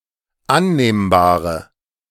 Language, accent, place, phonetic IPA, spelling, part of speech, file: German, Germany, Berlin, [ˈanneːmbaːʁə], annehmbare, adjective, De-annehmbare.ogg
- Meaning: inflection of annehmbar: 1. strong/mixed nominative/accusative feminine singular 2. strong nominative/accusative plural 3. weak nominative all-gender singular